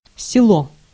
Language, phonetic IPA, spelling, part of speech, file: Russian, [sʲɪˈɫo], село, noun, Ru-село.ogg
- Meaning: village